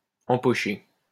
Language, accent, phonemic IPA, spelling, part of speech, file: French, France, /ɑ̃.pɔ.ʃe/, empocher, verb, LL-Q150 (fra)-empocher.wav
- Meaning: 1. to pocket (to put something in a pocket) 2. to pocket, to rake in, to earn